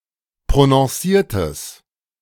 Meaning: strong/mixed nominative/accusative neuter singular of prononciert
- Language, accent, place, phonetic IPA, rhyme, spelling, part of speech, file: German, Germany, Berlin, [pʁonɔ̃ˈsiːɐ̯təs], -iːɐ̯təs, prononciertes, adjective, De-prononciertes.ogg